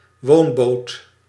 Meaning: houseboat
- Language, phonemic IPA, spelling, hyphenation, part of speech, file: Dutch, /ˈwombot/, woonboot, woon‧boot, noun, Nl-woonboot.ogg